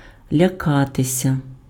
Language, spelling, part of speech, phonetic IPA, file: Ukrainian, лякатися, verb, [lʲɐˈkatesʲɐ], Uk-лякатися.ogg
- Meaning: to fear, to be afraid